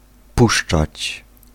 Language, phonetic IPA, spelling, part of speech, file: Polish, [ˈpuʃt͡ʃat͡ɕ], puszczać, verb, Pl-puszczać.ogg